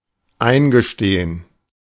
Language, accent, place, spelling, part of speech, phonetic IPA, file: German, Germany, Berlin, eingestehen, verb, [ˈaɪ̯nɡəˌʃteːən], De-eingestehen.ogg
- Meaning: to admit, confess, concede, acknowledge